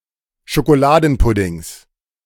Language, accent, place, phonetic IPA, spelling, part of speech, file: German, Germany, Berlin, [ʃokoˈlaːdn̩ˌpʊdɪŋs], Schokoladenpuddings, noun, De-Schokoladenpuddings.ogg
- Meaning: 1. genitive singular of Schokoladenpudding 2. plural of Schokoladenpudding